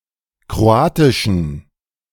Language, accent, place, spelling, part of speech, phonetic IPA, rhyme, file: German, Germany, Berlin, kroatischen, adjective, [kʁoˈaːtɪʃn̩], -aːtɪʃn̩, De-kroatischen.ogg
- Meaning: inflection of kroatisch: 1. strong genitive masculine/neuter singular 2. weak/mixed genitive/dative all-gender singular 3. strong/weak/mixed accusative masculine singular 4. strong dative plural